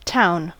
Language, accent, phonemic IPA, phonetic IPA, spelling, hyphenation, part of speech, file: English, US, /ˈtaʊ̯n/, [ˈtʰaʊ̯n], town, town, noun, En-us-town.ogg